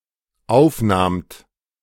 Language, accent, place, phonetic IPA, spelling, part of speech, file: German, Germany, Berlin, [ˈaʊ̯fˌnaːmt], aufnahmt, verb, De-aufnahmt.ogg
- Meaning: second-person plural dependent preterite of aufnehmen